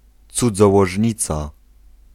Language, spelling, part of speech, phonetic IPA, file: Polish, cudzołożnica, noun, [ˌt͡sud͡zɔwɔʒʲˈɲit͡sa], Pl-cudzołożnica.ogg